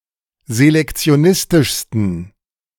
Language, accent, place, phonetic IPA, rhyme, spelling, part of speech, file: German, Germany, Berlin, [zelɛkt͡si̯oˈnɪstɪʃstn̩], -ɪstɪʃstn̩, selektionistischsten, adjective, De-selektionistischsten.ogg
- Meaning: 1. superlative degree of selektionistisch 2. inflection of selektionistisch: strong genitive masculine/neuter singular superlative degree